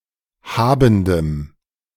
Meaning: strong dative masculine/neuter singular of habend
- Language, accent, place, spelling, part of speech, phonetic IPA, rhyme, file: German, Germany, Berlin, habendem, adjective, [ˈhaːbn̩dəm], -aːbn̩dəm, De-habendem.ogg